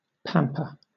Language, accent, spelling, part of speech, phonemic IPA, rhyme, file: English, Southern England, pamper, verb / noun, /ˈpæm.pə(ɹ)/, -æmpə(ɹ), LL-Q1860 (eng)-pamper.wav
- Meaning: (verb) 1. To treat with excessive care, attention or indulgence 2. To feed luxuriously 3. To put someone in pampers (a diaper); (noun) Alternative form of pampers